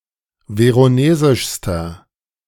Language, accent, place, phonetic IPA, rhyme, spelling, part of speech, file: German, Germany, Berlin, [ˌveʁoˈneːzɪʃstɐ], -eːzɪʃstɐ, veronesischster, adjective, De-veronesischster.ogg
- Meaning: inflection of veronesisch: 1. strong/mixed nominative masculine singular superlative degree 2. strong genitive/dative feminine singular superlative degree 3. strong genitive plural superlative degree